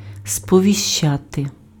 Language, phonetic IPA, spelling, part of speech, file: Ukrainian, [spɔʋʲiʃˈt͡ʃate], сповіщати, verb, Uk-сповіщати.ogg
- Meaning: to notify, to inform, to let know (somebody of something / that: кого́сь (accusative) про щось (accusative) / що)